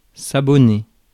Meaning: 1. to subscribe somebody to a service; to take a subscription for 2. to subscribe to a service, publication, or social media account 3. to become accustomed to or a regular of
- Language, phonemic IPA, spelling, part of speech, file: French, /a.bɔ.ne/, abonner, verb, Fr-abonner.ogg